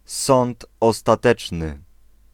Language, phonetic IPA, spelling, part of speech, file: Polish, [ˈsɔ̃nt ˌɔstaˈtɛt͡ʃnɨ], Sąd Ostateczny, noun, Pl-Sąd Ostateczny.ogg